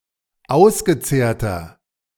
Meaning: 1. comparative degree of ausgezehrt 2. inflection of ausgezehrt: strong/mixed nominative masculine singular 3. inflection of ausgezehrt: strong genitive/dative feminine singular
- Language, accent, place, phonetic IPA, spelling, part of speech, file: German, Germany, Berlin, [ˈaʊ̯sɡəˌt͡seːɐ̯tɐ], ausgezehrter, adjective, De-ausgezehrter.ogg